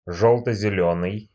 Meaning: lime, yellow-green
- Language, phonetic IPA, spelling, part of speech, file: Russian, [ˌʐoɫtə zʲɪˈlʲɵnɨj], жёлто-зелёный, adjective, Ru-жёлто-зелёный.ogg